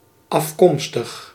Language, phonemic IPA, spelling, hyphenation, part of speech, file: Dutch, /ɑfˈkɔm.stəx/, afkomstig, af‧kom‧stig, adjective, Nl-afkomstig.ogg
- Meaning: originating